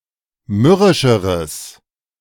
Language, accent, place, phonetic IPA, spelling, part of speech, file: German, Germany, Berlin, [ˈmʏʁɪʃəʁəs], mürrischeres, adjective, De-mürrischeres.ogg
- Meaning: strong/mixed nominative/accusative neuter singular comparative degree of mürrisch